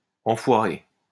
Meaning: to cover with excrement
- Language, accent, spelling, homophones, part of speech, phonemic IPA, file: French, France, enfoirer, enfoiré / enfoirées / enfoirés / enfoirée / enfoirez, verb, /ɑ̃.fwa.ʁe/, LL-Q150 (fra)-enfoirer.wav